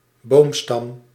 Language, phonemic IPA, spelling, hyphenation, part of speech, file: Dutch, /ˈboːmstɑm/, boomstam, boom‧stam, noun, Nl-boomstam.ogg
- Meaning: a tree trunk, main structural member of a tree